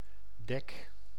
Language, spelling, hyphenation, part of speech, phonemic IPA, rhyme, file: Dutch, dek, dek, noun / verb, /dɛk/, -ɛk, Nl-dek.ogg
- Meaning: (noun) 1. a deck 2. a cover 3. a surface; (verb) inflection of dekken: 1. first-person singular present indicative 2. second-person singular present indicative 3. imperative